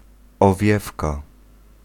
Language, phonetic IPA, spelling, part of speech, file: Polish, [ɔˈvʲjɛfka], owiewka, noun, Pl-owiewka.ogg